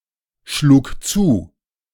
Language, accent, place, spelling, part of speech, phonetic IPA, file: German, Germany, Berlin, schlug zu, verb, [ˌʃluːk ˈt͡suː], De-schlug zu.ogg
- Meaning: first/third-person singular preterite of zuschlagen